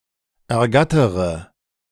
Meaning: inflection of ergattern: 1. first-person singular present 2. first/third-person singular subjunctive I 3. singular imperative
- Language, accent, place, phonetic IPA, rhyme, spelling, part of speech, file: German, Germany, Berlin, [ɛɐ̯ˈɡatəʁə], -atəʁə, ergattere, verb, De-ergattere.ogg